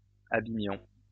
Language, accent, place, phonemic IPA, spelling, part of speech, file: French, France, Lyon, /a.bi.mjɔ̃/, abîmions, verb, LL-Q150 (fra)-abîmions.wav
- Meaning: inflection of abîmer: 1. first-person plural imperfect indicative 2. first-person plural present subjunctive